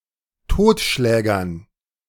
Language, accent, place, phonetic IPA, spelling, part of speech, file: German, Germany, Berlin, [ˈtoːtˌʃlɛːɡɐn], Totschlägern, noun, De-Totschlägern.ogg
- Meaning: dative plural of Totschläger